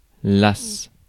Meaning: alas
- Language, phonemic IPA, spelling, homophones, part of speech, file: French, /las/, las, lace / lacent / lasse / lassent, interjection, Fr-las.ogg